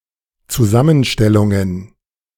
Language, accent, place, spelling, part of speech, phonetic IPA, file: German, Germany, Berlin, Zusammenstellungen, noun, [t͡suˈzamənˌʃtɛlʊŋən], De-Zusammenstellungen.ogg
- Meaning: plural of Zusammenstellung